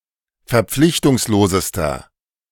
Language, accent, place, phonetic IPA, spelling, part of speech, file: German, Germany, Berlin, [fɛɐ̯ˈp͡flɪçtʊŋsloːzəstɐ], verpflichtungslosester, adjective, De-verpflichtungslosester.ogg
- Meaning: inflection of verpflichtungslos: 1. strong/mixed nominative masculine singular superlative degree 2. strong genitive/dative feminine singular superlative degree